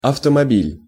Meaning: 1. car, automobile, motorcar 2. vehicle 3. lorry, truck
- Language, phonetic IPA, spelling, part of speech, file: Russian, [ɐftəmɐˈbʲilʲ], автомобиль, noun, Ru-автомобиль.ogg